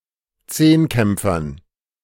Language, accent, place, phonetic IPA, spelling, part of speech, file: German, Germany, Berlin, [ˈt͡seːnˌkɛmp͡fɐn], Zehnkämpfern, noun, De-Zehnkämpfern.ogg
- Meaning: dative plural of Zehnkämpfer